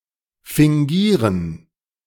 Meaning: to feign (to represent by a false appearance of)
- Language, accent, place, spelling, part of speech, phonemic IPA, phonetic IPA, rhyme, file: German, Germany, Berlin, fingieren, verb, /fɪŋˈɡiːʁən/, [fɪŋˈɡiːɐ̯n], -iːʁən, De-fingieren.ogg